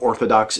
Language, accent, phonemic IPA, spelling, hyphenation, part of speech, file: English, US, /ˈɔɹθədɑks/, orthodox, or‧tho‧dox, adjective, En-us-orthodox.ogg
- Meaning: 1. Conforming to the accepted, established, or traditional doctrines of a given faith, religion, or ideology 2. Adhering to whatever is customary, traditional, or generally accepted